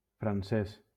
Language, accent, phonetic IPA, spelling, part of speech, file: Catalan, Valencia, [fɾanˈses], francés, adjective / noun, LL-Q7026 (cat)-francés.wav
- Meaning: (adjective) alternative spelling of francès; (noun) 1. alternative spelling of francès (French language) 2. alternative spelling of francès (French person)